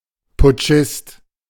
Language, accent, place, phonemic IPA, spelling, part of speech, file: German, Germany, Berlin, /pʊˈt͡ʃɪst/, Putschist, noun, De-Putschist.ogg
- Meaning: coupist, putschist (one taking part in a putsch / coup d'état)